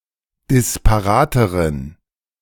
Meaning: inflection of disparat: 1. strong genitive masculine/neuter singular comparative degree 2. weak/mixed genitive/dative all-gender singular comparative degree
- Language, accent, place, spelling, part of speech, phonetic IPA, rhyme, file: German, Germany, Berlin, disparateren, adjective, [dɪspaˈʁaːtəʁən], -aːtəʁən, De-disparateren.ogg